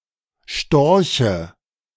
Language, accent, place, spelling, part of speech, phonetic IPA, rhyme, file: German, Germany, Berlin, Storche, noun, [ˈʃtɔʁçə], -ɔʁçə, De-Storche.ogg
- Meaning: dative of Storch